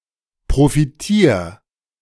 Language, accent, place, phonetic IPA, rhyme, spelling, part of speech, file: German, Germany, Berlin, [pʁofiˈtiːɐ̯], -iːɐ̯, profitier, verb, De-profitier.ogg
- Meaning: 1. singular imperative of profitieren 2. first-person singular present of profitieren